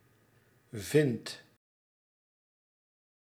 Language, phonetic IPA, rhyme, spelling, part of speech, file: Dutch, [vɪnt], -ɪnt, vindt, verb, Nl-vindt.ogg
- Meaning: inflection of vinden: 1. second/third-person singular present indicative 2. plural imperative